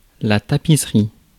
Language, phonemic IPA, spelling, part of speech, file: French, /ta.pi.sʁi/, tapisserie, noun, Fr-tapisserie.ogg
- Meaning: 1. tapestry 2. wallcovering, wallpaper